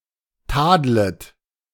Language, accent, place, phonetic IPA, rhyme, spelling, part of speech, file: German, Germany, Berlin, [ˈtaːdlət], -aːdlət, tadlet, verb, De-tadlet.ogg
- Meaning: second-person plural subjunctive I of tadeln